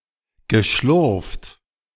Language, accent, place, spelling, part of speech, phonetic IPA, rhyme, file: German, Germany, Berlin, geschlurft, verb, [ɡəˈʃlʊʁft], -ʊʁft, De-geschlurft.ogg
- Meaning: past participle of schlurfen